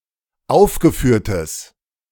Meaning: strong/mixed nominative/accusative neuter singular of aufgeführt
- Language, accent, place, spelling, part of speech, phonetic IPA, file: German, Germany, Berlin, aufgeführtes, adjective, [ˈaʊ̯fɡəˌfyːɐ̯təs], De-aufgeführtes.ogg